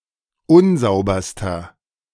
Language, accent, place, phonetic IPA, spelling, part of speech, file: German, Germany, Berlin, [ˈʊnˌzaʊ̯bɐstɐ], unsauberster, adjective, De-unsauberster.ogg
- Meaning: inflection of unsauber: 1. strong/mixed nominative masculine singular superlative degree 2. strong genitive/dative feminine singular superlative degree 3. strong genitive plural superlative degree